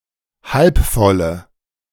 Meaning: inflection of halb voll: 1. strong/mixed nominative/accusative feminine singular 2. strong nominative/accusative plural 3. weak nominative all-gender singular
- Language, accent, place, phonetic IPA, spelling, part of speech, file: German, Germany, Berlin, [ˌhalp ˈfɔlə], halb volle, adjective, De-halb volle.ogg